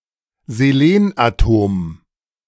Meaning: selenium atom
- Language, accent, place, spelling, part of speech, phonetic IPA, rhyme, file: German, Germany, Berlin, Selenatom, noun, [zeˈleːnʔaˌtoːm], -eːnʔatoːm, De-Selenatom.ogg